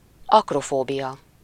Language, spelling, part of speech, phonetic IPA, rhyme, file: Hungarian, akrofóbia, noun, [ˈɒkrofoːbijɒ], -jɒ, Hu-akrofóbia.ogg
- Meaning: acrophobia (fear of heights)